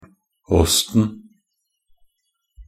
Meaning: definite singular of åst
- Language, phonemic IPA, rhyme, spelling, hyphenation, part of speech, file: Norwegian Bokmål, /ˈɔstn̩/, -ɔstn̩, åsten, åst‧en, noun, Nb-åsten.ogg